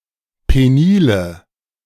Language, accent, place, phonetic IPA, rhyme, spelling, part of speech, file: German, Germany, Berlin, [ˌpeˈniːlə], -iːlə, penile, adjective, De-penile.ogg
- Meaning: inflection of penil: 1. strong/mixed nominative/accusative feminine singular 2. strong nominative/accusative plural 3. weak nominative all-gender singular 4. weak accusative feminine/neuter singular